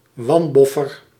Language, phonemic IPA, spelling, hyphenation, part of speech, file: Dutch, /ˈʋɑn.bɔ.fər/, wanboffer, wan‧bof‧fer, noun, Nl-wanboffer.ogg
- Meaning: unlucky person